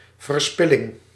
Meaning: waste, squandering
- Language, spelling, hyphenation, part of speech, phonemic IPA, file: Dutch, verspilling, ver‧spil‧ling, noun, /vərˈspɪ.lɪŋ/, Nl-verspilling.ogg